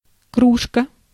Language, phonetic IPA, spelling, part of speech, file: Russian, [ˈkruʂkə], кружка, noun, Ru-кружка.ogg
- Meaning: 1. mug, tankard, noggin 2. poor box, charity box